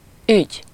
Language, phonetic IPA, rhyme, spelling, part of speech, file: Hungarian, [ˈyɟ], -yɟ, ügy, noun, Hu-ügy.ogg
- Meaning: 1. matter, affair, concern, transaction, case 2. river, stream, creek, brook